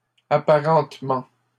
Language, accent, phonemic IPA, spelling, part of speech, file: French, Canada, /a.pa.ʁɑ̃t.mɑ̃/, apparentement, noun, LL-Q150 (fra)-apparentement.wav
- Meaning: similarity, apparentness